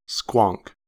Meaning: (verb) To produce a raucous noise like a squawk or honk; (noun) A raucous noise like a squawk or honk
- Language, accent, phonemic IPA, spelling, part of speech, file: English, US, /skwɑŋk/, squonk, verb / noun, En-us-squonk.ogg